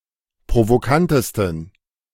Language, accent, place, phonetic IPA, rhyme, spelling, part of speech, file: German, Germany, Berlin, [pʁovoˈkantəstn̩], -antəstn̩, provokantesten, adjective, De-provokantesten.ogg
- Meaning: 1. superlative degree of provokant 2. inflection of provokant: strong genitive masculine/neuter singular superlative degree